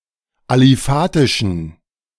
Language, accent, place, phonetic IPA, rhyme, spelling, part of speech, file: German, Germany, Berlin, [aliˈfaːtɪʃn̩], -aːtɪʃn̩, aliphatischen, adjective, De-aliphatischen.ogg
- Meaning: inflection of aliphatisch: 1. strong genitive masculine/neuter singular 2. weak/mixed genitive/dative all-gender singular 3. strong/weak/mixed accusative masculine singular 4. strong dative plural